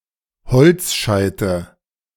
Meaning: 1. nominative plural of Holzscheit 2. genitive plural of Holzscheit 3. accusative plural of Holzscheit
- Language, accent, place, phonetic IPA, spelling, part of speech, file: German, Germany, Berlin, [ˈhɔlt͡sˌʃaɪ̯tə], Holzscheite, noun, De-Holzscheite.ogg